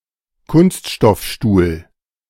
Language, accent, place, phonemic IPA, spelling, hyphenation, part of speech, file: German, Germany, Berlin, /ˈkʊnstʃtɔfˌʃtuːl/, Kunststoffstuhl, Kunst‧stoff‧stuhl, noun, De-Kunststoffstuhl.ogg
- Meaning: plastic chair